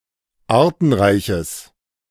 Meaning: strong/mixed nominative/accusative neuter singular of artenreich
- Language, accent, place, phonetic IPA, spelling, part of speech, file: German, Germany, Berlin, [ˈaːɐ̯tn̩ˌʁaɪ̯çəs], artenreiches, adjective, De-artenreiches.ogg